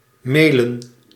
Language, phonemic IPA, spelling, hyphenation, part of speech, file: Dutch, /meːlə(n)/, mailen, mai‧len, verb, Nl-mailen.ogg
- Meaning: to email, e-mail